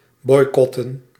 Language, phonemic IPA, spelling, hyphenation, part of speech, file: Dutch, /ˈbɔi̯kɔtə(n)/, boycotten, boy‧cot‧ten, verb / noun, Nl-boycotten.ogg
- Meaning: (verb) to boycott; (noun) plural of boycot